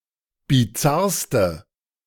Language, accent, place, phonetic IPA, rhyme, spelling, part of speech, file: German, Germany, Berlin, [biˈt͡saʁstə], -aʁstə, bizarrste, adjective, De-bizarrste.ogg
- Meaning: inflection of bizarr: 1. strong/mixed nominative/accusative feminine singular superlative degree 2. strong nominative/accusative plural superlative degree